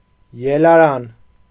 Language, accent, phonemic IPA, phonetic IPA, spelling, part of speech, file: Armenian, Eastern Armenian, /jelɑˈɾɑn/, [jelɑɾɑ́n], ելարան, noun, Hy-ելարան.ogg
- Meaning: ladder